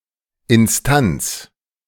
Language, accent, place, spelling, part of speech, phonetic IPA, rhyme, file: German, Germany, Berlin, Instanz, noun, [ɪnˈstant͡s], -ant͡s, De-Instanz.ogg
- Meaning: 1. legal authority 2. legal authority: authority, entity (any agency, person or level in a hierarchy considered to have authority over a situation) 3. instance (specific occurence or realization)